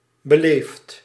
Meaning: inflection of beleven: 1. second/third-person singular present indicative 2. plural imperative
- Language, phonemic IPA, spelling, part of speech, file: Dutch, /bəˈleft/, beleeft, verb, Nl-beleeft.ogg